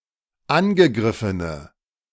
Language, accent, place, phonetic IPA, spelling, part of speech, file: German, Germany, Berlin, [ˈanɡəˌɡʁɪfənə], angegriffene, adjective, De-angegriffene.ogg
- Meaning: inflection of angegriffen: 1. strong/mixed nominative/accusative feminine singular 2. strong nominative/accusative plural 3. weak nominative all-gender singular